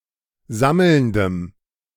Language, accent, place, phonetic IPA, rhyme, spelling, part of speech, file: German, Germany, Berlin, [ˈzaml̩ndəm], -aml̩ndəm, sammelndem, adjective, De-sammelndem.ogg
- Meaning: strong dative masculine/neuter singular of sammelnd